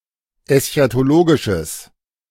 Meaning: strong/mixed nominative/accusative neuter singular of eschatologisch
- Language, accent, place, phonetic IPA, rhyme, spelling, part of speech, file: German, Germany, Berlin, [ɛsçatoˈloːɡɪʃəs], -oːɡɪʃəs, eschatologisches, adjective, De-eschatologisches.ogg